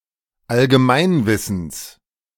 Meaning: genitive singular of Allgemeinwissen
- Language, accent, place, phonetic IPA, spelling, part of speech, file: German, Germany, Berlin, [alɡəˈmaɪ̯nˌvɪsn̩s], Allgemeinwissens, noun, De-Allgemeinwissens.ogg